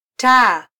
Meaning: 1. lamp, light 2. obedience
- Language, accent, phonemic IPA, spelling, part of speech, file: Swahili, Kenya, /tɑː/, taa, noun, Sw-ke-taa.flac